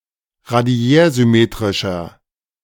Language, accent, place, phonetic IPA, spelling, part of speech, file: German, Germany, Berlin, [ʁaˈdi̯ɛːɐ̯zʏˌmeːtʁɪʃɐ], radiärsymmetrischer, adjective, De-radiärsymmetrischer.ogg
- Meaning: inflection of radiärsymmetrisch: 1. strong/mixed nominative masculine singular 2. strong genitive/dative feminine singular 3. strong genitive plural